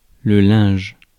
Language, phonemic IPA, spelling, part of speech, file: French, /lɛ̃ʒ/, linge, noun, Fr-linge.ogg
- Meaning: 1. linen 2. cloth 3. laundry 4. towel 5. clothing